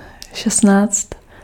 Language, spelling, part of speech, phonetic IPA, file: Czech, šestnáct, numeral, [ˈʃɛstnaːt͡st], Cs-šestnáct.ogg
- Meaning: sixteen (16)